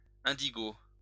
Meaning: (noun) indigo (color); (adjective) indigo (being of that color)
- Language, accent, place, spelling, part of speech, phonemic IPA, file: French, France, Lyon, indigo, noun / adjective, /ɛ̃.di.ɡo/, LL-Q150 (fra)-indigo.wav